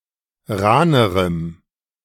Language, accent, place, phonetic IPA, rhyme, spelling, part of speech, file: German, Germany, Berlin, [ˈʁaːnəʁəm], -aːnəʁəm, rahnerem, adjective, De-rahnerem.ogg
- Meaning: strong dative masculine/neuter singular comparative degree of rahn